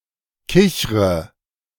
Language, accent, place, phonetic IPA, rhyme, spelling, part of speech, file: German, Germany, Berlin, [ˈkɪçʁə], -ɪçʁə, kichre, verb, De-kichre.ogg
- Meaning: inflection of kichern: 1. first-person singular present 2. first/third-person singular subjunctive I 3. singular imperative